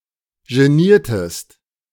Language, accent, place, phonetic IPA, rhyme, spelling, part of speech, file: German, Germany, Berlin, [ʒeˈniːɐ̯təst], -iːɐ̯təst, geniertest, verb, De-geniertest.ogg
- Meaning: inflection of genieren: 1. second-person singular preterite 2. second-person singular subjunctive II